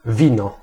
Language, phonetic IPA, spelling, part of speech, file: Polish, [ˈvʲĩnɔ], wino, noun, Pl-wino.ogg